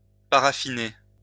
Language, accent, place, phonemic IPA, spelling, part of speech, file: French, France, Lyon, /pa.ʁa.fi.ne/, paraffiner, verb, LL-Q150 (fra)-paraffiner.wav
- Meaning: to paraffin